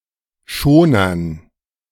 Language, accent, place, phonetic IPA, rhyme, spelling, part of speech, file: German, Germany, Berlin, [ˈʃoːnɐn], -oːnɐn, Schonern, noun, De-Schonern.ogg
- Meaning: dative plural of Schoner